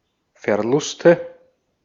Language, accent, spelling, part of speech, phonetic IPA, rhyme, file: German, Austria, Verluste, noun, [fɛɐ̯ˈlʊstə], -ʊstə, De-at-Verluste.ogg
- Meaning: nominative/accusative/genitive plural of Verlust